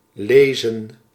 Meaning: 1. to read 2. to gather (esp. fruits)
- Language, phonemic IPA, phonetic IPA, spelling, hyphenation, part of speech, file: Dutch, /ˈleːzə(n)/, [ˈleɪ̯zə(n)], lezen, le‧zen, verb, Nl-lezen.ogg